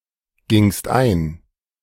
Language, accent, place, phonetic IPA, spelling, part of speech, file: German, Germany, Berlin, [ˌɡɪŋst ˈaɪ̯n], gingst ein, verb, De-gingst ein.ogg
- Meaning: second-person singular preterite of eingehen